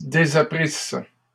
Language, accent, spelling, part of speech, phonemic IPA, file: French, Canada, désapprisses, verb, /de.za.pʁis/, LL-Q150 (fra)-désapprisses.wav
- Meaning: second-person singular imperfect subjunctive of désapprendre